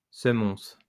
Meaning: reprimand
- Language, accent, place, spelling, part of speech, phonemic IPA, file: French, France, Lyon, semonce, noun, /sə.mɔ̃s/, LL-Q150 (fra)-semonce.wav